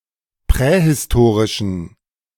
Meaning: inflection of prähistorisch: 1. strong genitive masculine/neuter singular 2. weak/mixed genitive/dative all-gender singular 3. strong/weak/mixed accusative masculine singular 4. strong dative plural
- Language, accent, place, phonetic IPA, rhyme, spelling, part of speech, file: German, Germany, Berlin, [ˌpʁɛhɪsˈtoːʁɪʃn̩], -oːʁɪʃn̩, prähistorischen, adjective, De-prähistorischen.ogg